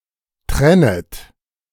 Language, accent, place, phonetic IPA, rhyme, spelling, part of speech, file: German, Germany, Berlin, [ˈtʁɛnət], -ɛnət, trennet, verb, De-trennet.ogg
- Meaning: second-person plural subjunctive I of trennen